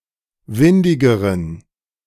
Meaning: inflection of windig: 1. strong genitive masculine/neuter singular comparative degree 2. weak/mixed genitive/dative all-gender singular comparative degree
- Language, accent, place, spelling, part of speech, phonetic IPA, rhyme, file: German, Germany, Berlin, windigeren, adjective, [ˈvɪndɪɡəʁən], -ɪndɪɡəʁən, De-windigeren.ogg